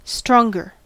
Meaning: 1. comparative form of strong: more strong 2. Said of one proposition with respect to another one: that the former entails the latter, but the latter does not entail the former 3. Better
- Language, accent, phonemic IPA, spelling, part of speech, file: English, US, /stɹɔŋɡɚ/, stronger, adjective, En-us-stronger.ogg